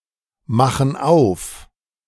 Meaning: inflection of aufmachen: 1. first/third-person plural present 2. first/third-person plural subjunctive I
- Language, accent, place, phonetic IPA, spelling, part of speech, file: German, Germany, Berlin, [ˌmaxn̩ ˈaʊ̯f], machen auf, verb, De-machen auf.ogg